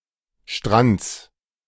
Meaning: genitive singular of Strand
- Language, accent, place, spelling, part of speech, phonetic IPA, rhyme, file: German, Germany, Berlin, Strands, noun, [ʃtʁant͡s], -ant͡s, De-Strands.ogg